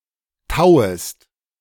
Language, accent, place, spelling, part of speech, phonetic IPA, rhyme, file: German, Germany, Berlin, tauest, verb, [ˈtaʊ̯əst], -aʊ̯əst, De-tauest.ogg
- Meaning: second-person singular subjunctive I of tauen